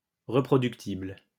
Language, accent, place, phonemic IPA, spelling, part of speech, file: French, France, Lyon, /ʁə.pʁɔ.dyk.tibl/, reproductible, adjective, LL-Q150 (fra)-reproductible.wav
- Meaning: reproducible (capable of being reproduced at a different time or place and by different people)